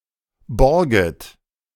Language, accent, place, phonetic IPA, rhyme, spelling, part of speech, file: German, Germany, Berlin, [ˈbɔʁɡət], -ɔʁɡət, borget, verb, De-borget.ogg
- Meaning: second-person plural subjunctive I of borgen